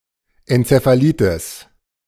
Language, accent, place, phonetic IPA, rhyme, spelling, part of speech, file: German, Germany, Berlin, [ɛnt͡sefaˈliːtɪs], -iːtɪs, Enzephalitis, noun, De-Enzephalitis.ogg
- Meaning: encephalitis (inflammation of the brain)